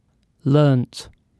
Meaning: 1. simple past of learn 2. past participle of learn
- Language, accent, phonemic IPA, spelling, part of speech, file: English, UK, /ˈlɜːnt/, learnt, verb, En-uk-learnt.ogg